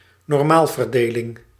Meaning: normal distribution (Gaussian distribution)
- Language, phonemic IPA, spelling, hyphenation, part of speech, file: Dutch, /nɔrˈmaːl.vərˌdeː.lɪŋ/, normaalverdeling, nor‧maal‧ver‧de‧ling, noun, Nl-normaalverdeling.ogg